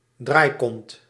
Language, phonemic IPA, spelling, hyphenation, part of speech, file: Dutch, /ˈdraːi̯.kɔnt/, draaikont, draai‧kont, noun, Nl-draaikont.ogg
- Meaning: 1. a U-turner; an inconsistent person, who readily changes position (literally, “butt-turner”) 2. a fidget; someone who can't sit still